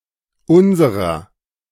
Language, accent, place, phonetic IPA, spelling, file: German, Germany, Berlin, [ˈʊnzəʁɐ], unserer, De-unserer.ogg
- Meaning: inflection of unser: 1. genitive/dative feminine singular 2. genitive plural